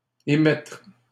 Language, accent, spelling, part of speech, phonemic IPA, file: French, Canada, émettre, verb, /e.mɛtʁ/, LL-Q150 (fra)-émettre.wav
- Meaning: 1. to emit 2. to state, to express 3. to issue